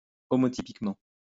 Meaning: homotypically
- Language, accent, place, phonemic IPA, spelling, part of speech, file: French, France, Lyon, /ɔ.mɔ.ti.pik.mɑ̃/, homotypiquement, adverb, LL-Q150 (fra)-homotypiquement.wav